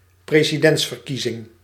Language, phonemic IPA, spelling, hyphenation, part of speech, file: Dutch, /ˌpreziˈdɛntsfərˌkizɪŋ/, presidentsverkiezing, pre‧si‧dents‧ver‧kie‧zing, noun, Nl-presidentsverkiezing.ogg
- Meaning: presidential election